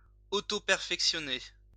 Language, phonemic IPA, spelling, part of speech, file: French, /pɛʁ.fɛk.sjɔ.ne/, perfectionner, verb, LL-Q150 (fra)-perfectionner.wav
- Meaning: 1. to perfect; to make perfect 2. to refine, hone, improve